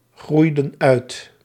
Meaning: inflection of uitgroeien: 1. plural past indicative 2. plural past subjunctive
- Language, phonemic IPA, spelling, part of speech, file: Dutch, /ˈɣrujdə(n) ˈœyt/, groeiden uit, verb, Nl-groeiden uit.ogg